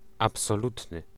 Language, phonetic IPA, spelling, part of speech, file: Polish, [ˌapsɔˈlutnɨ], absolutny, adjective, Pl-absolutny.ogg